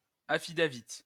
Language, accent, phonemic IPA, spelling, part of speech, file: French, France, /a.fi.da.vit/, affidavit, noun, LL-Q150 (fra)-affidavit.wav
- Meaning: affidavit